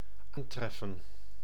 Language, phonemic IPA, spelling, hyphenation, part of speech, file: Dutch, /ˈaːnˌtrɛfə(n)/, aantreffen, aan‧tref‧fen, verb, Nl-aantreffen.ogg
- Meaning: to find, encounter, come across